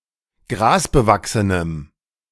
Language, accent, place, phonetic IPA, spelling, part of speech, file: German, Germany, Berlin, [ˈɡʁaːsbəˌvaksənəm], grasbewachsenem, adjective, De-grasbewachsenem.ogg
- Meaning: strong dative masculine/neuter singular of grasbewachsen